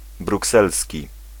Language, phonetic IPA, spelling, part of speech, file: Polish, [bruˈksɛlsʲci], brukselski, adjective, Pl-brukselski.ogg